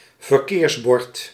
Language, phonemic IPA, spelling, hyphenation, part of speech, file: Dutch, /vərˈkeːrsˌbɔrt/, verkeersbord, ver‧keers‧bord, noun, Nl-verkeersbord.ogg
- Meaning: traffic sign